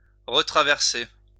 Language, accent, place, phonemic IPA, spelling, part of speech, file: French, France, Lyon, /ʁə.tʁa.vɛʁ.se/, retraverser, verb, LL-Q150 (fra)-retraverser.wav
- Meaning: to cross again or back